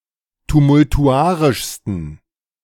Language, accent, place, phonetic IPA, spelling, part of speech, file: German, Germany, Berlin, [tumʊltuˈʔaʁɪʃstn̩], tumultuarischsten, adjective, De-tumultuarischsten.ogg
- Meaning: 1. superlative degree of tumultuarisch 2. inflection of tumultuarisch: strong genitive masculine/neuter singular superlative degree